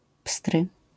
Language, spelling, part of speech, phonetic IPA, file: Polish, pstry, adjective, [pstrɨ], LL-Q809 (pol)-pstry.wav